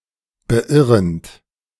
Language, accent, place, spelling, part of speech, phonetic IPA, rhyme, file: German, Germany, Berlin, beirrend, verb, [bəˈʔɪʁənt], -ɪʁənt, De-beirrend.ogg
- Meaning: present participle of beirren